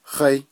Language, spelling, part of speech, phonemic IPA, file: Navajo, háí, pronoun, /hɑ́ɪ́/, Nv-háí.ogg
- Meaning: 1. who 2. which